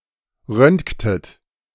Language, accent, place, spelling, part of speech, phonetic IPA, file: German, Germany, Berlin, röntgtet, verb, [ˈʁœntktət], De-röntgtet.ogg
- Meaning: inflection of röntgen: 1. second-person plural preterite 2. second-person plural subjunctive II